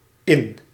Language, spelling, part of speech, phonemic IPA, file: Dutch, in-, prefix, /ɪn/, Nl-in-.ogg
- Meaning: 1. prepended to a noun or adjective, it reinforces the quality signified thereby 2. prepended to an adjective to negate its meaning; occurs mostly in borrowed terms from French: in-, un-